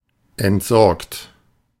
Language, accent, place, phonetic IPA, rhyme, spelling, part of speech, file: German, Germany, Berlin, [ɛntˈzɔʁkt], -ɔʁkt, entsorgt, verb, De-entsorgt.ogg
- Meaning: 1. past participle of entsorgen 2. inflection of entsorgen: third-person singular present 3. inflection of entsorgen: second-person plural present 4. inflection of entsorgen: plural imperative